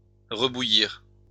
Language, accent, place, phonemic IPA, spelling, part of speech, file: French, France, Lyon, /ʁə.bu.jiʁ/, rebouillir, verb, LL-Q150 (fra)-rebouillir.wav
- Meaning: to reboil